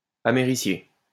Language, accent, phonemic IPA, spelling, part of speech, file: French, France, /a.me.ʁi.sje/, américié, adjective, LL-Q150 (fra)-américié.wav
- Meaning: Relating to, or containing americium